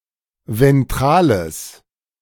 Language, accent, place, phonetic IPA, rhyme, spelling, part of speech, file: German, Germany, Berlin, [vɛnˈtʁaːləs], -aːləs, ventrales, adjective, De-ventrales.ogg
- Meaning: strong/mixed nominative/accusative neuter singular of ventral